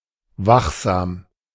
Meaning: vigilant
- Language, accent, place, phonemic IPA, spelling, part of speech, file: German, Germany, Berlin, /ˈvaxˌzaːm/, wachsam, adjective, De-wachsam.ogg